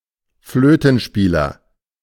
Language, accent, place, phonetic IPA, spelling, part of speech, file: German, Germany, Berlin, [ˈfløːtn̩ˌʃpiːlɐ], Flötenspieler, noun, De-Flötenspieler.ogg
- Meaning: flautist, flutist, flute-player (male or of unspecified sex)